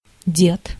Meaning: 1. grandfather 2. old man 3. forefathers 4. soldier who is approaching demobilization
- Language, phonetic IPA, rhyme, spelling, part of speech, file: Russian, [dʲet], -et, дед, noun, Ru-дед.ogg